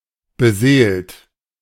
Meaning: 1. past participle of beseelen 2. inflection of beseelen: second-person plural present 3. inflection of beseelen: third-person singular present 4. inflection of beseelen: plural imperative
- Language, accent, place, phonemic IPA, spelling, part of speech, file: German, Germany, Berlin, /bəˈzeː.əlt/, beseelt, verb, De-beseelt.ogg